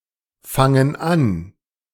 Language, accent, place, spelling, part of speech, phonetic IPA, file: German, Germany, Berlin, fangen an, verb, [ˌfaŋən ˈan], De-fangen an.ogg
- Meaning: inflection of anfangen: 1. first/third-person plural present 2. first/third-person plural subjunctive I